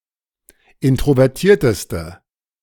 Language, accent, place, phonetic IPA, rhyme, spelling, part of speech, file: German, Germany, Berlin, [ˌɪntʁovɛʁˈtiːɐ̯təstə], -iːɐ̯təstə, introvertierteste, adjective, De-introvertierteste.ogg
- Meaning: inflection of introvertiert: 1. strong/mixed nominative/accusative feminine singular superlative degree 2. strong nominative/accusative plural superlative degree